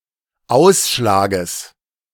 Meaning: genitive singular of Ausschlag
- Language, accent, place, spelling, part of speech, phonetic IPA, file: German, Germany, Berlin, Ausschlages, noun, [ˈaʊ̯sʃlaːɡəs], De-Ausschlages.ogg